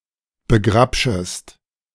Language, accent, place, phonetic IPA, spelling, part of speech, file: German, Germany, Berlin, [bəˈɡʁapʃəst], begrapschest, verb, De-begrapschest.ogg
- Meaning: second-person singular subjunctive I of begrapschen